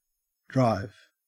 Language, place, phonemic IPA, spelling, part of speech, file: English, Queensland, /dɹɑev/, drive, verb / noun, En-au-drive.ogg
- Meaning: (verb) To operate a vehicle: 1. To operate (a wheeled motorized vehicle) 2. To travel by operating a wheeled motorized vehicle 3. To convey (a person, etc.) in a wheeled motorized vehicle